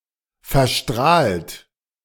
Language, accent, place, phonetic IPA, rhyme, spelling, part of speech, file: German, Germany, Berlin, [fɛɐ̯ˈʃtʁaːlt], -aːlt, verstrahlt, verb, De-verstrahlt.ogg
- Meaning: 1. past participle of verstrahlen 2. inflection of verstrahlen: second-person plural present 3. inflection of verstrahlen: third-person singular present 4. inflection of verstrahlen: plural imperative